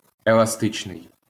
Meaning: 1. elastic (capable of stretching) 2. elastic (springy; bouncy; vivacious) 3. adaptable, flexible
- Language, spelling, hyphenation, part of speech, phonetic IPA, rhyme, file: Ukrainian, еластичний, ела‧сти‧чний, adjective, [eɫɐˈstɪt͡ʃnei̯], -ɪt͡ʃnei̯, LL-Q8798 (ukr)-еластичний.wav